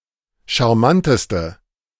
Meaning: inflection of charmant: 1. strong/mixed nominative/accusative feminine singular superlative degree 2. strong nominative/accusative plural superlative degree
- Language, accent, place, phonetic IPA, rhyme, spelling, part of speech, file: German, Germany, Berlin, [ʃaʁˈmantəstə], -antəstə, charmanteste, adjective, De-charmanteste.ogg